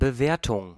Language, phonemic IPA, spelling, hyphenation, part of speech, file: German, /bəˈveːɐ̯tʊŋ/, Bewertung, Be‧wer‧tung, noun, De-Bewertung.ogg
- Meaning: 1. evaluation, rating 2. expert opinion, assessment (in a professional capacity) 3. judging (for example, of entries in a contest) 4. assessment (act of assessing a tax)